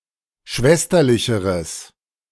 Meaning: strong/mixed nominative/accusative neuter singular comparative degree of schwesterlich
- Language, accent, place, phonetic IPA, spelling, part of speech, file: German, Germany, Berlin, [ˈʃvɛstɐlɪçəʁəs], schwesterlicheres, adjective, De-schwesterlicheres.ogg